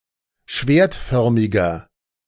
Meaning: inflection of schwertförmig: 1. strong/mixed nominative masculine singular 2. strong genitive/dative feminine singular 3. strong genitive plural
- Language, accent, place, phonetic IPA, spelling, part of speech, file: German, Germany, Berlin, [ˈʃveːɐ̯tˌfœʁmɪɡɐ], schwertförmiger, adjective, De-schwertförmiger.ogg